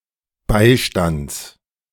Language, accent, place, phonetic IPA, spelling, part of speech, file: German, Germany, Berlin, [ˈbaɪ̯ˌʃtant͡s], Beistands, noun, De-Beistands.ogg
- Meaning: genitive singular of Beistand